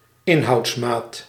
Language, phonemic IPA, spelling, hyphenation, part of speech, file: Dutch, /ˈɪn.ɦɑu̯tsˌmaːt/, inhoudsmaat, in‧houds‧maat, noun, Nl-inhoudsmaat.ogg
- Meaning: unit of volume